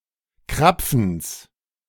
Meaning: genitive singular of Krapfen
- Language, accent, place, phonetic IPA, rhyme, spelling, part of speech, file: German, Germany, Berlin, [ˈkʁap͡fn̩s], -ap͡fn̩s, Krapfens, noun, De-Krapfens.ogg